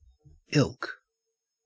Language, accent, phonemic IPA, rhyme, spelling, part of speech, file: English, Australia, /ɪlk/, -ɪlk, ilk, adjective / noun, En-au-ilk.ogg
- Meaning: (adjective) Very; same; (noun) A type, race, or category; a group of entities that have common characteristics such that they may be grouped together